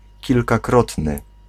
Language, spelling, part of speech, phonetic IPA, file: Polish, kilkakrotny, adjective, [ˌcilkaˈkrɔtnɨ], Pl-kilkakrotny.ogg